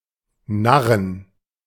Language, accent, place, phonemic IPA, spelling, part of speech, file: German, Germany, Berlin, /ˈnaʁən/, narren, verb, De-narren.ogg
- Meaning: to fool